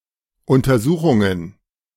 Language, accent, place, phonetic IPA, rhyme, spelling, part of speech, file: German, Germany, Berlin, [ʊntɐˈzuːxʊŋən], -uːxʊŋən, Untersuchungen, noun, De-Untersuchungen.ogg
- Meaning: plural of Untersuchung